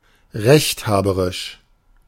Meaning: tending to consider himself right when disagreeing with other people; opinionated, bossy, dogmatic (of a person)
- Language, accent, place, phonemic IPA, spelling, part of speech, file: German, Germany, Berlin, /ˈʁɛçtˌhaːbəʁɪʃ/, rechthaberisch, adjective, De-rechthaberisch.ogg